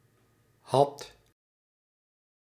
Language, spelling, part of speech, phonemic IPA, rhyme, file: Dutch, had, verb, /ɦɑt/, -ɑt, Nl-had.ogg
- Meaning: singular past indicative of hebben